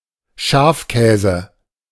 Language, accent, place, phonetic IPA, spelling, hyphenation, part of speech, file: German, Germany, Berlin, [ˈʃaːfˌkɛːzə], Schafkäse, Schaf‧kä‧se, noun, De-Schafkäse.ogg
- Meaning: alternative form of Schafskäse